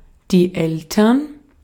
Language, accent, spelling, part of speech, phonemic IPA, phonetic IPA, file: German, Austria, Eltern, noun, /ˈɛltərn/, [ˈʔɛl.tɐn], De-at-Eltern.ogg
- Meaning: parents